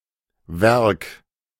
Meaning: 1. work, achievement (the result of working) 2. work, piece (of art, literature, or the like) 3. factory, plant, works 4. work (morally relevant deed)
- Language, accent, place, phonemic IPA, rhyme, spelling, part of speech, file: German, Germany, Berlin, /vɛʁk/, -ɛʁk, Werk, noun, De-Werk.ogg